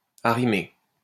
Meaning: to stow
- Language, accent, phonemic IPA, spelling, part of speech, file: French, France, /a.ʁi.me/, arrimer, verb, LL-Q150 (fra)-arrimer.wav